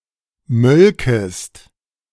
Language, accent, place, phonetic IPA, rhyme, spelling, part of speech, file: German, Germany, Berlin, [ˈmœlkəst], -œlkəst, mölkest, verb, De-mölkest.ogg
- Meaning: second-person singular subjunctive II of melken